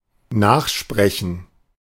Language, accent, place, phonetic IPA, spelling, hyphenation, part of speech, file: German, Germany, Berlin, [ˈnaːxˌʃpʁɛçn̩], nachsprechen, nach‧spre‧chen, verb, De-nachsprechen.ogg
- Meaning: to repeat (what someone else said)